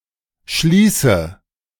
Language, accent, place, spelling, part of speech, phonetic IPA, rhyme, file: German, Germany, Berlin, schließe, verb, [ˈʃliːsə], -iːsə, De-schließe.ogg
- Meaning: inflection of schließen: 1. first-person singular present 2. first/third-person singular subjunctive I 3. singular imperative